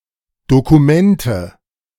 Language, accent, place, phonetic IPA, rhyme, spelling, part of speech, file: German, Germany, Berlin, [ˌdokuˈmɛntə], -ɛntə, Dokumente, noun, De-Dokumente.ogg
- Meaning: nominative/accusative/genitive plural of Dokument